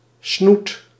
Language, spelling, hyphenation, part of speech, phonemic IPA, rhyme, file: Dutch, snoet, snoet, noun, /snut/, -ut, Nl-snoet.ogg
- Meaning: 1. the face, especially mouth and nose, of a human or some animals 2. synonym of snuit